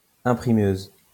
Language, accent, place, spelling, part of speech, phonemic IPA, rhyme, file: French, France, Lyon, imprimeuse, noun, /ɛ̃.pʁi.møz/, -øz, LL-Q150 (fra)-imprimeuse.wav
- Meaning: female equivalent of imprimeur